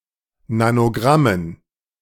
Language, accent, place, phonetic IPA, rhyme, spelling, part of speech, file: German, Germany, Berlin, [nanoˈɡʁamən], -amən, Nanogrammen, noun, De-Nanogrammen.ogg
- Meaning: dative plural of Nanogramm